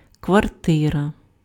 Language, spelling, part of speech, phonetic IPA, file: Ukrainian, квартира, noun, [kʋɐrˈtɪrɐ], Uk-квартира.ogg
- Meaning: apartment, flat